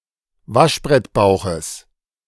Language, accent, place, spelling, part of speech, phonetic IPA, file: German, Germany, Berlin, Waschbrettbauches, noun, [ˈvaʃbʁɛtˌbaʊ̯xəs], De-Waschbrettbauches.ogg
- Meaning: genitive singular of Waschbrettbauch